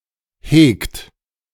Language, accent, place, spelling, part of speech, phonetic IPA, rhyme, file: German, Germany, Berlin, hegt, verb, [heːkt], -eːkt, De-hegt.ogg
- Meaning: inflection of hegen: 1. second-person plural present 2. third-person singular present 3. plural imperative